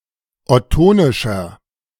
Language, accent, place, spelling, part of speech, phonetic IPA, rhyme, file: German, Germany, Berlin, ottonischer, adjective, [ɔˈtoːnɪʃɐ], -oːnɪʃɐ, De-ottonischer.ogg
- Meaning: inflection of ottonisch: 1. strong/mixed nominative masculine singular 2. strong genitive/dative feminine singular 3. strong genitive plural